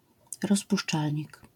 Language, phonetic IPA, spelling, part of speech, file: Polish, [rɔs.puʂˈt͡ʂal.ɲik], rozpuszczalnik, noun, LL-Q809 (pol)-rozpuszczalnik.wav